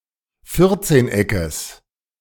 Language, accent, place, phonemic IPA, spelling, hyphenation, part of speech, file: German, Germany, Berlin, /ˈfɪʁtseːnˌ.ɛkəs/, Vierzehneckes, Vier‧zehn‧eckes, noun, De-Vierzehneckes.ogg
- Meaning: genitive singular of Vierzehneck